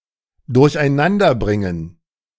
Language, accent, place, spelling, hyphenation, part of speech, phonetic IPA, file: German, Germany, Berlin, durcheinanderbringen, durch‧ein‧an‧der‧brin‧gen, verb, [dʊʁçʔaɪ̯ˈnandɐˌbʁɪŋən], De-durcheinanderbringen.ogg
- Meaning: 1. to jumble 2. to bewilder, to confuse, to befuddle 3. to confound, to confuse